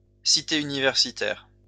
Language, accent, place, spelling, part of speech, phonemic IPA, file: French, France, Lyon, cité universitaire, noun, /si.te y.ni.vɛʁ.si.tɛʁ/, LL-Q150 (fra)-cité universitaire.wav
- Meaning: hall of residence, residence hall